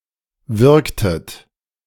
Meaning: inflection of wirken: 1. second-person plural preterite 2. second-person plural subjunctive II
- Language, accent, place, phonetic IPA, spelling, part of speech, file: German, Germany, Berlin, [ˈvɪʁktət], wirktet, verb, De-wirktet.ogg